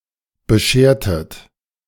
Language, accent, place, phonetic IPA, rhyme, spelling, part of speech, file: German, Germany, Berlin, [bəˈʃeːɐ̯tət], -eːɐ̯tət, beschertet, verb, De-beschertet.ogg
- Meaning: inflection of bescheren: 1. second-person plural preterite 2. second-person plural subjunctive II